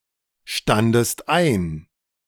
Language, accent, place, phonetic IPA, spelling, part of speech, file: German, Germany, Berlin, [ˌstandəst ˈaɪ̯n], standest ein, verb, De-standest ein.ogg
- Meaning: second-person singular preterite of einstehen